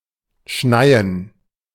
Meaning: 1. to snow 2. to fall in large quantities like snow 3. to show up or turn up unannounced
- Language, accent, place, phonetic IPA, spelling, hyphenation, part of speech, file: German, Germany, Berlin, [ˈʃnaɪən], schneien, schnei‧en, verb, De-schneien.ogg